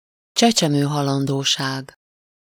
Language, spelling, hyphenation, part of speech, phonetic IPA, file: Hungarian, csecsemőhalandóság, cse‧cse‧mő‧ha‧lan‧dó‧ság, noun, [ˈt͡ʃɛt͡ʃɛmøːɦɒlɒndoːʃaːɡ], Hu-csecsemőhalandóság.ogg
- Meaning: infant mortality